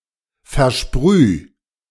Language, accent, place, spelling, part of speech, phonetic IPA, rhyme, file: German, Germany, Berlin, versprüh, verb, [fɛɐ̯ˈʃpʁyː], -yː, De-versprüh.ogg
- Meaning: 1. singular imperative of versprühen 2. first-person singular present of versprühen